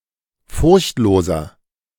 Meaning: 1. comparative degree of furchtlos 2. inflection of furchtlos: strong/mixed nominative masculine singular 3. inflection of furchtlos: strong genitive/dative feminine singular
- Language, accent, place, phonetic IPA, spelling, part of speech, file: German, Germany, Berlin, [ˈfʊʁçtˌloːzɐ], furchtloser, adjective, De-furchtloser.ogg